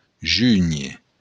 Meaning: to join
- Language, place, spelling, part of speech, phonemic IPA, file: Occitan, Béarn, júnher, verb, /ˈd͡ʒyɲe/, LL-Q14185 (oci)-júnher.wav